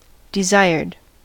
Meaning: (verb) simple past and past participle of desire; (adjective) wished-for, longed-for
- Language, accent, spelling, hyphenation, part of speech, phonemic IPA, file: English, US, desired, de‧sired, verb / adjective, /dɪˈzaɪɹd/, En-us-desired.ogg